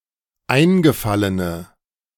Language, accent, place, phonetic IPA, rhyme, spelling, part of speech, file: German, Germany, Berlin, [ˈaɪ̯nɡəˌfalənə], -aɪ̯nɡəfalənə, eingefallene, adjective, De-eingefallene.ogg
- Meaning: inflection of eingefallen: 1. strong/mixed nominative/accusative feminine singular 2. strong nominative/accusative plural 3. weak nominative all-gender singular